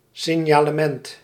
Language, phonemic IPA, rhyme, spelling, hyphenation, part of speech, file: Dutch, /ˌsɪn.jaː.ləˈmɛnt/, -ɛnt, signalement, sig‧na‧le‧ment, noun, Nl-signalement.ogg
- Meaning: a description of someone's appearance, especially in relation to law enforcement; a profile